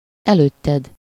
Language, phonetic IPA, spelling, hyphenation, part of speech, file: Hungarian, [ˈɛløːtːɛd], előtted, előt‧ted, pronoun, Hu-előtted.ogg
- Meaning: second-person singular of előtte